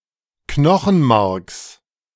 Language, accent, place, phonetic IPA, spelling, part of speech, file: German, Germany, Berlin, [ˈknɔxn̩ˌmaʁks], Knochenmarks, noun, De-Knochenmarks.ogg
- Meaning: genitive singular of Knochenmark